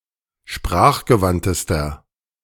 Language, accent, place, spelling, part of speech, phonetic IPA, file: German, Germany, Berlin, sprachgewandtester, adjective, [ˈʃpʁaːxɡəˌvantəstɐ], De-sprachgewandtester.ogg
- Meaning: inflection of sprachgewandt: 1. strong/mixed nominative masculine singular superlative degree 2. strong genitive/dative feminine singular superlative degree